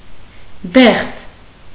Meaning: peach (fruit)
- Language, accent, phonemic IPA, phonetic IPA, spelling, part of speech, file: Armenian, Eastern Armenian, /deχt͡sʰ/, [deχt͡sʰ], դեղձ, noun, Hy-դեղձ.ogg